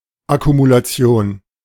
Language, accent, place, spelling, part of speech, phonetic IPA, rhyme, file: German, Germany, Berlin, Akkumulation, noun, [akumulaˈt͡si̯oːn], -oːn, De-Akkumulation.ogg
- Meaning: accumulation